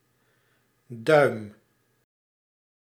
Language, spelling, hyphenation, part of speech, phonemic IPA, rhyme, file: Dutch, duim, duim, noun / verb, /dœy̯m/, -œy̯m, Nl-duim.ogg
- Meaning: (noun) 1. thumb, the innermost finger 2. inch 3. pintle (jointed pivot of a hinge, consisting of the pin and the non-moving leaf); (verb) inflection of duimen: first-person singular present indicative